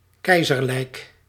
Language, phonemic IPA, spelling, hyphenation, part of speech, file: Dutch, /ˈkɛi̯.zər.lək/, keizerlijk, kei‧zer‧lijk, adjective, Nl-keizerlijk.ogg
- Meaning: imperial